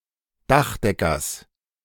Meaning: genitive singular of Dachdecker
- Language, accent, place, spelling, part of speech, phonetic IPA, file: German, Germany, Berlin, Dachdeckers, noun, [ˈdaxˌdɛkɐs], De-Dachdeckers.ogg